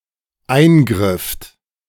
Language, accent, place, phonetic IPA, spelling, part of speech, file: German, Germany, Berlin, [ˈaɪ̯nˌɡʁɪft], eingrifft, verb, De-eingrifft.ogg
- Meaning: second-person plural dependent preterite of eingreifen